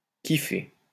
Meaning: 1. to love or to like 2. to smoke hashish
- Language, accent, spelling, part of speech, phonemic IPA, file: French, France, kiffer, verb, /ki.fe/, LL-Q150 (fra)-kiffer.wav